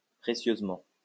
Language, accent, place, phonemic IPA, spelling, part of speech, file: French, France, Lyon, /pʁe.sjøz.mɑ̃/, précieusement, adverb, LL-Q150 (fra)-précieusement.wav
- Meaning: preciously; carefully